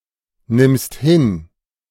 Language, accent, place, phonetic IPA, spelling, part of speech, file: German, Germany, Berlin, [ˌnɪmst ˈhɪn], nimmst hin, verb, De-nimmst hin.ogg
- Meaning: second-person singular present of hinnehmen